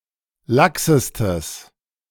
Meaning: strong/mixed nominative/accusative neuter singular superlative degree of lax
- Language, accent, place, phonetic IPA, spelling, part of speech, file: German, Germany, Berlin, [ˈlaksəstəs], laxestes, adjective, De-laxestes.ogg